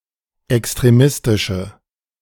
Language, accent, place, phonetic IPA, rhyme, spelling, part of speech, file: German, Germany, Berlin, [ɛkstʁeˈmɪstɪʃə], -ɪstɪʃə, extremistische, adjective, De-extremistische.ogg
- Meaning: inflection of extremistisch: 1. strong/mixed nominative/accusative feminine singular 2. strong nominative/accusative plural 3. weak nominative all-gender singular